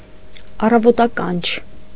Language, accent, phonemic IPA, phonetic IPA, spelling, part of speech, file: Armenian, Eastern Armenian, /ɑrɑvotɑˈkɑnt͡ʃʰ/, [ɑrɑvotɑkɑ́nt͡ʃʰ], առավոտականչ, noun, Hy-առավոտականչ.ogg
- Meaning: cockcrow, dawn